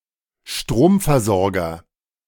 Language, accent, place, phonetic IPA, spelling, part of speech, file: German, Germany, Berlin, [ˈʃtʁoːmfɛɐ̯zɔʁɡɐ], Stromversorger, noun, De-Stromversorger.ogg
- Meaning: electric utility